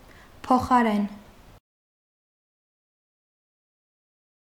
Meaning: 1. instead of 2. in return for, in exchange for
- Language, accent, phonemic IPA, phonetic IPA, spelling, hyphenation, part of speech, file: Armenian, Eastern Armenian, /pʰoχɑˈɾen/, [pʰoχɑɾén], փոխարեն, փո‧խա‧րեն, postposition, Hy-փոխարեն.ogg